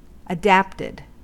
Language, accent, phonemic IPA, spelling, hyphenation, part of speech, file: English, US, /əˈdæptɪd/, adapted, adapt‧ed, verb / adjective, En-us-adapted.ogg
- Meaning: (verb) simple past and past participle of adapt; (adjective) Having been subject to an alteration or change to fit a different circumstance or medium